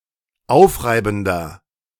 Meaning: 1. comparative degree of aufreibend 2. inflection of aufreibend: strong/mixed nominative masculine singular 3. inflection of aufreibend: strong genitive/dative feminine singular
- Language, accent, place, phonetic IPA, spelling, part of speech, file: German, Germany, Berlin, [ˈaʊ̯fˌʁaɪ̯bn̩dɐ], aufreibender, adjective, De-aufreibender.ogg